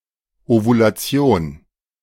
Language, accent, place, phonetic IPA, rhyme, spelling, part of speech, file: German, Germany, Berlin, [ovulaˈt͡si̯oːn], -oːn, Ovulation, noun, De-Ovulation.ogg
- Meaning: ovulation